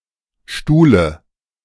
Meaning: dative of Stuhl
- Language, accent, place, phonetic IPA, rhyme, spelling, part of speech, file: German, Germany, Berlin, [ˈʃtuːlə], -uːlə, Stuhle, noun, De-Stuhle.ogg